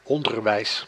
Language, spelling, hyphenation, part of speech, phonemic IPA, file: Dutch, onderwijs, on‧der‧wijs, noun, /ˈɔndərˌʋɛi̯s/, Nl-onderwijs.ogg
- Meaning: education